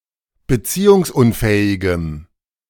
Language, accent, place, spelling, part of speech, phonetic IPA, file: German, Germany, Berlin, beziehungsunfähigem, adjective, [bəˈt͡siːʊŋsˌʔʊnfɛːɪɡəm], De-beziehungsunfähigem.ogg
- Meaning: strong dative masculine/neuter singular of beziehungsunfähig